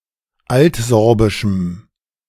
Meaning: strong dative masculine/neuter singular of altsorbisch
- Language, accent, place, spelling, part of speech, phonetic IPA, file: German, Germany, Berlin, altsorbischem, adjective, [ˈaltˌzɔʁbɪʃm̩], De-altsorbischem.ogg